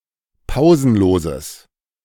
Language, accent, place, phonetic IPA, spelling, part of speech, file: German, Germany, Berlin, [ˈpaʊ̯zn̩ˌloːzəs], pausenloses, adjective, De-pausenloses.ogg
- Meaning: strong/mixed nominative/accusative neuter singular of pausenlos